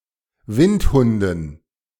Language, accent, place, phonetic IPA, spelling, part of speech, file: German, Germany, Berlin, [ˈvɪntˌhʊndn̩], Windhunden, noun, De-Windhunden.ogg
- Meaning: dative plural of Windhund